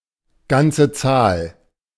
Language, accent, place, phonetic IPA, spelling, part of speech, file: German, Germany, Berlin, [ˈɡant͡sə ˈt͡saːl], ganze Zahl, phrase, De-ganze Zahl.ogg
- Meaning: integer, whole number